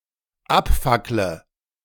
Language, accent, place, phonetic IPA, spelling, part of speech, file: German, Germany, Berlin, [ˈapˌfaklə], abfackle, verb, De-abfackle.ogg
- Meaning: inflection of abfackeln: 1. first-person singular dependent present 2. first/third-person singular dependent subjunctive I